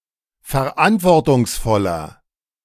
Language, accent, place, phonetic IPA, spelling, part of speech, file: German, Germany, Berlin, [fɛɐ̯ˈʔantvɔʁtʊŋsˌfɔlɐ], verantwortungsvoller, adjective, De-verantwortungsvoller.ogg
- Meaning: 1. comparative degree of verantwortungsvoll 2. inflection of verantwortungsvoll: strong/mixed nominative masculine singular